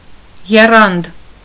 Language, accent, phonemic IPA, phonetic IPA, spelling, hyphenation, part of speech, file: Armenian, Eastern Armenian, /jeˈrɑnd/, [jerɑ́nd], եռանդ, ե‧ռանդ, noun, Hy-եռանդ.ogg
- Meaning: zeal, ardor, vigor